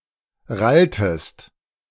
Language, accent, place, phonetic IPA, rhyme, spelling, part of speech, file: German, Germany, Berlin, [ˈʁaltəst], -altəst, ralltest, verb, De-ralltest.ogg
- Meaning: inflection of rallen: 1. second-person singular preterite 2. second-person singular subjunctive II